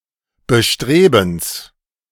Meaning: genitive of Bestreben
- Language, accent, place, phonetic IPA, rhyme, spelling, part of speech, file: German, Germany, Berlin, [bəˈʃtʁeːbn̩s], -eːbn̩s, Bestrebens, noun, De-Bestrebens.ogg